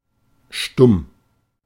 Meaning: 1. mute; dumb (unable to speak) 2. silent (not speaking); with verbs or adverbs expressing a grade or temporary state 3. non-verbal, not explicitly expressed; silent 4. mute; silent (unpronounced)
- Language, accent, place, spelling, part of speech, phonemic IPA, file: German, Germany, Berlin, stumm, adjective, /ʃtʊm/, De-stumm.ogg